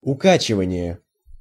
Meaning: motion sickness
- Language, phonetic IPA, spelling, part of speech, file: Russian, [ʊˈkat͡ɕɪvənʲɪje], укачивание, noun, Ru-укачивание.ogg